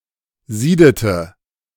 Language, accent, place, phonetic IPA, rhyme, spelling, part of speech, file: German, Germany, Berlin, [ˈziːdətə], -iːdətə, siedete, verb, De-siedete.ogg
- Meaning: inflection of sieden: 1. first/third-person singular preterite 2. first/third-person singular subjunctive II